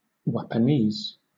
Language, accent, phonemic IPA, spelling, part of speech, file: English, Southern England, /wæpəˈniːz/, wapanese, noun, LL-Q1860 (eng)-wapanese.wav
- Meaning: Synonym of weeaboo: a person from elsewhere, particularly an unsocial white male, considered overly infatuated with Japanese culture